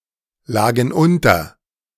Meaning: first/third-person plural preterite of unterliegen
- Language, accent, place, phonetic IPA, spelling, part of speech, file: German, Germany, Berlin, [ˌlaːɡn̩ ˈʔʊntɐ], lagen unter, verb, De-lagen unter.ogg